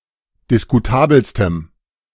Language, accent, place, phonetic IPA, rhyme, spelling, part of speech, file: German, Germany, Berlin, [dɪskuˈtaːbl̩stəm], -aːbl̩stəm, diskutabelstem, adjective, De-diskutabelstem.ogg
- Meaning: strong dative masculine/neuter singular superlative degree of diskutabel